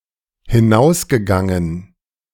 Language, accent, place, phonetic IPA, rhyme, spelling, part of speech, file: German, Germany, Berlin, [hɪˈnaʊ̯sɡəˌɡaŋən], -aʊ̯sɡəɡaŋən, hinausgegangen, verb, De-hinausgegangen.ogg
- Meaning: past participle of hinausgehen